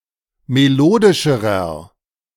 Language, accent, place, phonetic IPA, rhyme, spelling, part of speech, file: German, Germany, Berlin, [meˈloːdɪʃəʁɐ], -oːdɪʃəʁɐ, melodischerer, adjective, De-melodischerer.ogg
- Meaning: inflection of melodisch: 1. strong/mixed nominative masculine singular comparative degree 2. strong genitive/dative feminine singular comparative degree 3. strong genitive plural comparative degree